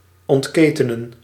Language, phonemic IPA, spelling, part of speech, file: Dutch, /ˌɔntˈkeː.tə.nə(n)/, ontketenen, verb, Nl-ontketenen.ogg
- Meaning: to unchain, unleash, unshackle